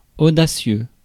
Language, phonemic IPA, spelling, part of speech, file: French, /o.da.sjø/, audacieux, adjective, Fr-audacieux.ogg
- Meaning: bold, audacious (courageous, daring)